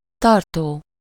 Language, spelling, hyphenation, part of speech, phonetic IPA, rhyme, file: Hungarian, tartó, tar‧tó, verb / noun, [ˈtɒrtoː], -toː, Hu-tartó.ogg
- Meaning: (verb) present participle of tart: 1. keeping, holding etc. (see the entry of the verb) 2. lasting, enduring; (noun) 1. beam already built in the structure 2. case, holder, container